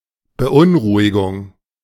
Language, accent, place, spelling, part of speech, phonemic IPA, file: German, Germany, Berlin, Beunruhigung, noun, /bəˈʔʊnˌʁuːɪɡʊŋ/, De-Beunruhigung.ogg
- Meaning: anxiety, worry, concern